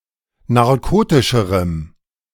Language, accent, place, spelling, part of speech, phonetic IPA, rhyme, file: German, Germany, Berlin, narkotischerem, adjective, [naʁˈkoːtɪʃəʁəm], -oːtɪʃəʁəm, De-narkotischerem.ogg
- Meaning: strong dative masculine/neuter singular comparative degree of narkotisch